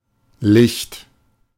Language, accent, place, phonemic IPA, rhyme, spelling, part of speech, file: German, Germany, Berlin, /lɪçt/, -ɪçt, licht, adjective, De-licht.ogg
- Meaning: 1. sparse (e.g. of hair or a forest) 2. bright, light (also of eyes, etc.) 3. airy, light-filled (most often of rooms) 4. unobstructed, clear 5. lucid (momentarily breaking past a clouded mind)